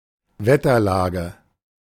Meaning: atmospheric conditions, weather conditions
- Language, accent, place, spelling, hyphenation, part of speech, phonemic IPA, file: German, Germany, Berlin, Wetterlage, Wet‧ter‧la‧ge, noun, /ˈvɛtɐˌlaːɡə/, De-Wetterlage.ogg